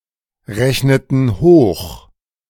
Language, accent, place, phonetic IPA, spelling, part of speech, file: German, Germany, Berlin, [ˌʁɛçnətn̩ ˈhoːx], rechneten hoch, verb, De-rechneten hoch.ogg
- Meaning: inflection of hochrechnen: 1. first/third-person plural preterite 2. first/third-person plural subjunctive II